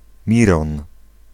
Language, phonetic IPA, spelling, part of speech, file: Polish, [ˈmʲirɔ̃n], Miron, proper noun, Pl-Miron.ogg